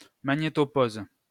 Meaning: magnetopause
- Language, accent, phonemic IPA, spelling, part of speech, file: French, France, /ma.ɲe.tɔ.poz/, magnétopause, noun, LL-Q150 (fra)-magnétopause.wav